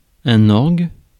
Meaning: organ
- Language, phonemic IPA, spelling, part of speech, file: French, /ɔʁɡ/, orgue, noun, Fr-orgue.ogg